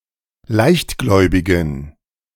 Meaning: inflection of leichtgläubig: 1. strong genitive masculine/neuter singular 2. weak/mixed genitive/dative all-gender singular 3. strong/weak/mixed accusative masculine singular 4. strong dative plural
- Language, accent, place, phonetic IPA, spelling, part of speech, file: German, Germany, Berlin, [ˈlaɪ̯çtˌɡlɔɪ̯bɪɡn̩], leichtgläubigen, adjective, De-leichtgläubigen.ogg